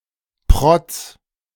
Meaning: 1. braggard, poseur 2. splendor, magnificence, splurge 3. tractor with artillery 4. coniferous tree with abnormal growth
- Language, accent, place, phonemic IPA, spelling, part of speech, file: German, Germany, Berlin, /pʁɔt͡s/, Protz, noun, De-Protz.ogg